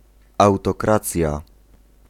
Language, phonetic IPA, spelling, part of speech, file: Polish, [ˌawtɔˈkrat͡sʲja], autokracja, noun, Pl-autokracja.ogg